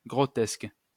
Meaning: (adjective) 1. farcical (ridiculous) 2. grotesque; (noun) grotesqueness
- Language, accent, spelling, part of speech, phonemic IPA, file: French, France, grotesque, adjective / noun, /ɡʁɔ.tɛsk/, LL-Q150 (fra)-grotesque.wav